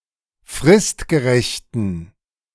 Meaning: inflection of fristgerecht: 1. strong genitive masculine/neuter singular 2. weak/mixed genitive/dative all-gender singular 3. strong/weak/mixed accusative masculine singular 4. strong dative plural
- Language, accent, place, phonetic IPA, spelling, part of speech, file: German, Germany, Berlin, [ˈfʁɪstɡəˌʁɛçtən], fristgerechten, adjective, De-fristgerechten.ogg